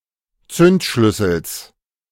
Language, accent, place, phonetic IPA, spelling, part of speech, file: German, Germany, Berlin, [ˈt͡sʏntˌʃlʏsl̩s], Zündschlüssels, noun, De-Zündschlüssels.ogg
- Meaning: genitive singular of Zündschlüssel